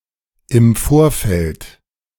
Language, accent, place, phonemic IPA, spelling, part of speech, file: German, Germany, Berlin, /ɪm ˈfoːr.fɛlt/, im Vorfeld, adverb / preposition, De-im Vorfeld.ogg
- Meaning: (adverb) before, prior, in advance, in the run-up; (preposition) before, prior to, leading up to